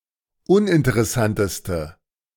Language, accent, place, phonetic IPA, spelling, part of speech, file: German, Germany, Berlin, [ˈʊnʔɪntəʁɛˌsantəstə], uninteressanteste, adjective, De-uninteressanteste.ogg
- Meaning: inflection of uninteressant: 1. strong/mixed nominative/accusative feminine singular superlative degree 2. strong nominative/accusative plural superlative degree